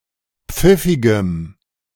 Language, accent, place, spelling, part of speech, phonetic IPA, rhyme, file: German, Germany, Berlin, pfiffigem, adjective, [ˈp͡fɪfɪɡəm], -ɪfɪɡəm, De-pfiffigem.ogg
- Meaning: strong dative masculine/neuter singular of pfiffig